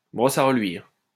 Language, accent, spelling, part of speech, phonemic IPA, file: French, France, brosse à reluire, noun, /bʁɔs a ʁə.lɥiʁ/, LL-Q150 (fra)-brosse à reluire.wav
- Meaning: 1. shoe brush 2. flattery